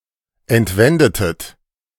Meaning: inflection of entwenden: 1. second-person plural preterite 2. second-person plural subjunctive II
- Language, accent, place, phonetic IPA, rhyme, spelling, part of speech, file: German, Germany, Berlin, [ɛntˈvɛndətət], -ɛndətət, entwendetet, verb, De-entwendetet.ogg